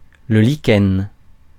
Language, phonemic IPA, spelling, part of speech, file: French, /li.kɛn/, lichen, noun, Fr-lichen.ogg
- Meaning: lichen